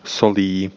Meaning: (noun) inflection of sůl: 1. instrumental singular 2. genitive plural; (verb) third-person singular/plural present of solit
- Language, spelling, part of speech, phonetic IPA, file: Czech, solí, noun / verb, [ˈsoliː], Cs-solí.ogg